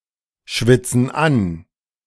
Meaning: inflection of anschwitzen: 1. first/third-person plural present 2. first/third-person plural subjunctive I
- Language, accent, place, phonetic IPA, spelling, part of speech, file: German, Germany, Berlin, [ˌʃvɪt͡sn̩ ˈan], schwitzen an, verb, De-schwitzen an.ogg